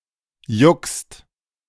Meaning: second-person singular present of jucken
- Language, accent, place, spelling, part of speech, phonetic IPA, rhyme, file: German, Germany, Berlin, juckst, verb, [jʊkst], -ʊkst, De-juckst.ogg